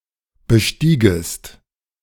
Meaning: second-person singular subjunctive II of besteigen
- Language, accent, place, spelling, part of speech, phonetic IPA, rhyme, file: German, Germany, Berlin, bestiegest, verb, [bəˈʃtiːɡəst], -iːɡəst, De-bestiegest.ogg